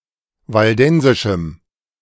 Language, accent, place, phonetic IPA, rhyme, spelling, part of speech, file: German, Germany, Berlin, [valˈdɛnzɪʃm̩], -ɛnzɪʃm̩, waldensischem, adjective, De-waldensischem.ogg
- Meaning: strong dative masculine/neuter singular of waldensisch